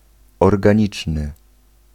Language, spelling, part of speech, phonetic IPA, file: Polish, organiczny, adjective, [ˌɔrɡãˈɲit͡ʃnɨ], Pl-organiczny.ogg